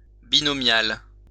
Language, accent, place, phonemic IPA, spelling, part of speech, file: French, France, Lyon, /bi.nɔ.mjal/, binomial, adjective, LL-Q150 (fra)-binomial.wav
- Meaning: binomial